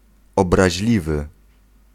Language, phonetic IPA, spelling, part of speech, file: Polish, [ˌɔbraʑˈlʲivɨ], obraźliwy, adjective, Pl-obraźliwy.ogg